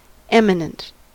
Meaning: 1. Noteworthy, remarkable, great 2. Distinguished, important, noteworthy 3. High, lofty
- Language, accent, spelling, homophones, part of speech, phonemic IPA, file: English, US, eminent, imminent, adjective, /ˈɛmɪnənt/, En-us-eminent.ogg